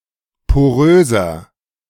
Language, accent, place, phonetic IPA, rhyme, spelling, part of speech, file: German, Germany, Berlin, [poˈʁøːzɐ], -øːzɐ, poröser, adjective, De-poröser.ogg
- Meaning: 1. comparative degree of porös 2. inflection of porös: strong/mixed nominative masculine singular 3. inflection of porös: strong genitive/dative feminine singular